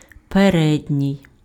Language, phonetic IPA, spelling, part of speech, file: Ukrainian, [peˈrɛdʲnʲii̯], передній, adjective, Uk-передній.ogg
- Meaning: front, fore-; anterior